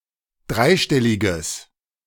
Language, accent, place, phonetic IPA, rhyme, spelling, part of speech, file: German, Germany, Berlin, [ˈdʁaɪ̯ˌʃtɛlɪɡəs], -aɪ̯ʃtɛlɪɡəs, dreistelliges, adjective, De-dreistelliges.ogg
- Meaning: strong/mixed nominative/accusative neuter singular of dreistellig